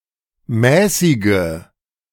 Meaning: inflection of mäßig: 1. strong/mixed nominative/accusative feminine singular 2. strong nominative/accusative plural 3. weak nominative all-gender singular 4. weak accusative feminine/neuter singular
- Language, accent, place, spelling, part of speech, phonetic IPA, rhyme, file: German, Germany, Berlin, mäßige, adjective / verb, [ˈmɛːsɪɡə], -ɛːsɪɡə, De-mäßige.ogg